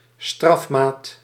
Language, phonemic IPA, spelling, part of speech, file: Dutch, /ˈstrɑfmat/, strafmaat, noun, Nl-strafmaat.ogg
- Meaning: sentence (of a crime)